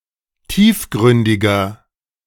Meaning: 1. comparative degree of tiefgründig 2. inflection of tiefgründig: strong/mixed nominative masculine singular 3. inflection of tiefgründig: strong genitive/dative feminine singular
- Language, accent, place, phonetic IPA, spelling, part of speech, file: German, Germany, Berlin, [ˈtiːfˌɡʁʏndɪɡɐ], tiefgründiger, adjective, De-tiefgründiger.ogg